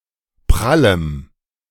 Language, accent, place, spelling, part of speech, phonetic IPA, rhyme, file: German, Germany, Berlin, prallem, adjective, [ˈpʁaləm], -aləm, De-prallem.ogg
- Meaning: strong dative masculine/neuter singular of prall